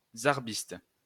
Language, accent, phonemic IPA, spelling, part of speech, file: French, France, /zaʁ.bist/, zarbiste, noun, LL-Q150 (fra)-zarbiste.wav
- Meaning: zarbist